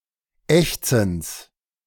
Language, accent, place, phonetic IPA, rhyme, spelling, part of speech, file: German, Germany, Berlin, [ˈɛçt͡sn̩s], -ɛçt͡sn̩s, Ächzens, noun, De-Ächzens.ogg
- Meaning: genitive of Ächzen